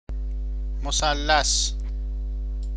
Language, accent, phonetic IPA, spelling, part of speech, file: Persian, Iran, [mo.sæl.lǽs], مثلث, noun, Fa-مثلث.ogg
- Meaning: triangle